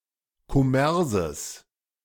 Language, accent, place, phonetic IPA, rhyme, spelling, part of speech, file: German, Germany, Berlin, [kɔˈmɛʁzəs], -ɛʁzəs, Kommerses, noun, De-Kommerses.ogg
- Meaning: genitive singular of Kommers